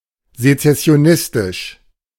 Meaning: secessionist, secessionistic
- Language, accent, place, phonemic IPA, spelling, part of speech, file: German, Germany, Berlin, /zet͡sɛsi̯oˈnɪstɪʃ/, sezessionistisch, adjective, De-sezessionistisch.ogg